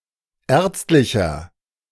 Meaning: inflection of ärztlich: 1. strong/mixed nominative masculine singular 2. strong genitive/dative feminine singular 3. strong genitive plural
- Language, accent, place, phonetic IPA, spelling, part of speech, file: German, Germany, Berlin, [ˈɛːɐ̯t͡stlɪçɐ], ärztlicher, adjective, De-ärztlicher.ogg